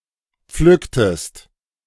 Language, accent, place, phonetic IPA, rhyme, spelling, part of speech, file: German, Germany, Berlin, [ˈp͡flʏktəst], -ʏktəst, pflücktest, verb, De-pflücktest.ogg
- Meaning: inflection of pflücken: 1. second-person singular preterite 2. second-person singular subjunctive II